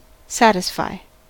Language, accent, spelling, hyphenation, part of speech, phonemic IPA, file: English, US, satisfy, sat‧is‧fy, verb, /ˈsætɪsfaɪ/, En-us-satisfy.ogg
- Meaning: 1. To be enough (for) 2. To be enough (for): To meet the needs of, to fulfill the wishes or requirements of (someone) 3. To be enough (for): To provide what is wanted or required for (something)